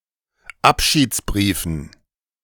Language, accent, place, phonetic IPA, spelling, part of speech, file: German, Germany, Berlin, [ˈapʃiːt͡sˌbʁiːfn̩], Abschiedsbriefen, noun, De-Abschiedsbriefen.ogg
- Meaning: dative plural of Abschiedsbrief